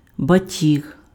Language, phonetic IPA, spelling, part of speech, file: Ukrainian, [bɐˈtʲiɦ], батіг, noun, Uk-батіг.ogg
- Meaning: 1. whip 2. the stem of a round or creeping plant